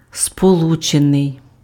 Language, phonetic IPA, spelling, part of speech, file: Ukrainian, [spoˈɫut͡ʃenei̯], сполучений, verb / adjective, Uk-сполучений.ogg
- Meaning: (verb) passive adjectival past participle of сполучи́ти (spolučýty); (adjective) united